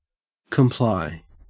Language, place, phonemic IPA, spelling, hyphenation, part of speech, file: English, Queensland, /kəmˈplɑe/, comply, com‧ply, verb, En-au-comply.ogg
- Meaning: 1. To yield assent; to accord; to acquiesce, agree, consent; to adapt oneself, to conform 2. To accomplish, to fulfil 3. To be ceremoniously courteous; to make one's compliments